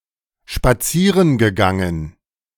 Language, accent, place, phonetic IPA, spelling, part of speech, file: German, Germany, Berlin, [ʃpaˈt͡siːʁən ɡəˌɡaŋən], spazieren gegangen, verb, De-spazieren gegangen.ogg
- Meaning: past participle of spazieren gehen